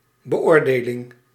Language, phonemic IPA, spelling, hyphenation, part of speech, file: Dutch, /bəˈoːrˌdeː.lɪŋ/, beoordeling, be‧oor‧de‧ling, noun, Nl-beoordeling.ogg
- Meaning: assessment, judgement